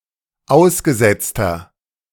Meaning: inflection of ausgesetzt: 1. strong/mixed nominative masculine singular 2. strong genitive/dative feminine singular 3. strong genitive plural
- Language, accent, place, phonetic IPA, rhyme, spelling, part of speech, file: German, Germany, Berlin, [ˈaʊ̯sɡəˌzɛt͡stɐ], -aʊ̯sɡəzɛt͡stɐ, ausgesetzter, adjective, De-ausgesetzter.ogg